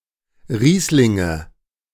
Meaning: nominative/accusative/genitive plural of Riesling
- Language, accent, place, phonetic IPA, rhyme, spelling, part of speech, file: German, Germany, Berlin, [ˈʁiːslɪŋə], -iːslɪŋə, Rieslinge, noun, De-Rieslinge.ogg